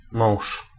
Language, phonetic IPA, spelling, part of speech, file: Polish, [mɔ̃w̃ʃ], mąż, noun, Pl-mąż.ogg